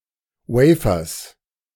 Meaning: genitive singular of Wafer
- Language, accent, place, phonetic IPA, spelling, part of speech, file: German, Germany, Berlin, [ˈwɛɪ̯fɐs], Wafers, noun, De-Wafers.ogg